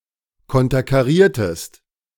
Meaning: inflection of konterkarieren: 1. second-person singular preterite 2. second-person singular subjunctive II
- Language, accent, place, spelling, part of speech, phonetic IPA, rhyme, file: German, Germany, Berlin, konterkariertest, verb, [ˌkɔntɐkaˈʁiːɐ̯təst], -iːɐ̯təst, De-konterkariertest.ogg